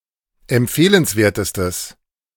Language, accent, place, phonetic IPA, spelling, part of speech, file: German, Germany, Berlin, [ɛmˈp͡feːlənsˌveːɐ̯təstəs], empfehlenswertestes, adjective, De-empfehlenswertestes.ogg
- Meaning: strong/mixed nominative/accusative neuter singular superlative degree of empfehlenswert